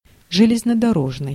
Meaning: railroad, railway, rail
- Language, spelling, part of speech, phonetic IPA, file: Russian, железнодорожный, adjective, [ʐɨlʲɪznədɐˈroʐnɨj], Ru-железнодорожный.ogg